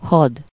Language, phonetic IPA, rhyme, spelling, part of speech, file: Hungarian, [ˈhɒd], -ɒd, had, noun, Hu-had.ogg
- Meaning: 1. army (a larger group of soldiers trained and armed for war) 2. army (a larger group of people) 3. army (a large group of social animals working toward the same purpose) 4. war, military